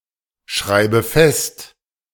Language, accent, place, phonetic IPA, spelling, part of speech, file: German, Germany, Berlin, [ˌʃʁaɪ̯bə ˈfɛst], schreibe fest, verb, De-schreibe fest.ogg
- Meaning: inflection of festschreiben: 1. first-person singular present 2. first/third-person singular subjunctive I 3. singular imperative